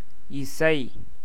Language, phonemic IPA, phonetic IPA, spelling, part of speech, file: Tamil, /ɪtʃɐɪ̯/, [ɪsɐɪ̯], இசை, noun / verb, Ta-இசை.ogg
- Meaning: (noun) 1. music, song 2. sound, noise 3. praise, fame, renown 4. sweetness, agreeableness 5. union, agreement, harmony; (verb) 1. to sound 2. to sound (as a musical instrument)